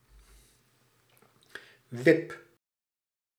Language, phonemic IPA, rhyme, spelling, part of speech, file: Dutch, /ʋɪp/, -ɪp, wip, noun / verb, Nl-wip.ogg
- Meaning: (noun) 1. hopping 2. seesaw 3. lever on a drawbridge 4. a short period, a jiffy 5. sexual intercourse; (verb) inflection of wippen: first-person singular present indicative